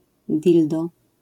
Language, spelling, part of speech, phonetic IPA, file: Polish, dildo, noun, [ˈdʲildɔ], LL-Q809 (pol)-dildo.wav